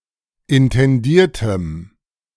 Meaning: strong dative masculine/neuter singular of intendiert
- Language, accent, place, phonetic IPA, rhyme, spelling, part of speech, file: German, Germany, Berlin, [ɪntɛnˈdiːɐ̯təm], -iːɐ̯təm, intendiertem, adjective, De-intendiertem.ogg